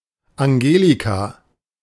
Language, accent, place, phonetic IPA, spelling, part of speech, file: German, Germany, Berlin, [aŋˈɡeːlika], Angelika, proper noun, De-Angelika.ogg
- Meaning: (noun) angelica; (proper noun) a female given name, popular in the mid-twentieth century, equivalent to English Angelica